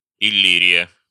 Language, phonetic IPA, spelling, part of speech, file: Russian, [ɪˈlʲirʲɪjə], Иллирия, proper noun, Ru-Иллирия.ogg
- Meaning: Illyria (a vaguely-defined geographic region in Southeastern Europe in the western part of the Balkan Peninsula, approximately coincident with modern Albania)